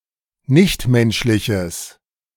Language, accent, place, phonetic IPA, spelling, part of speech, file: German, Germany, Berlin, [ˈnɪçtˌmɛnʃlɪçəs], nichtmenschliches, adjective, De-nichtmenschliches.ogg
- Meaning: strong/mixed nominative/accusative neuter singular of nichtmenschlich